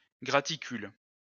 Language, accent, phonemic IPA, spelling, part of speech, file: French, France, /ɡʁa.ti.kyl/, graticule, noun, LL-Q150 (fra)-graticule.wav
- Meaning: graticule